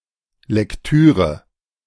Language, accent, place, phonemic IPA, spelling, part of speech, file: German, Germany, Berlin, /lɛkˈtyːʁə/, Lektüre, noun, De-Lektüre.ogg
- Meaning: 1. reading (act of having read a book or other written material) 2. reading, reading material (written material intended to be read at a given point)